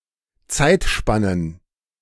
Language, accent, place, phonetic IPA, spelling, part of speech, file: German, Germany, Berlin, [ˈt͡saɪ̯tˌʃpanən], Zeitspannen, noun, De-Zeitspannen.ogg
- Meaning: plural of Zeitspanne